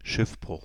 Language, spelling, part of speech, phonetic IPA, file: German, Schiffbruch, noun, [ˈʃɪfˌbʁʊx], DE-Schiffbruch.ogg
- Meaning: shipwreck (event)